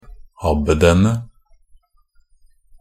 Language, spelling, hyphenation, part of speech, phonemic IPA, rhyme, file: Norwegian Bokmål, abbedene, ab‧be‧de‧ne, noun, /ˈabːədənə/, -ənə, NB - Pronunciation of Norwegian Bokmål «abbedene».ogg
- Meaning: definite plural of abbed